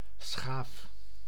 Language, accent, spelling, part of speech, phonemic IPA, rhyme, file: Dutch, Netherlands, schaaf, noun / verb, /sxaːf/, -aːf, Nl-schaaf.ogg
- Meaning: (noun) plane (a tool); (verb) inflection of schaven: 1. first-person singular present indicative 2. second-person singular present indicative 3. imperative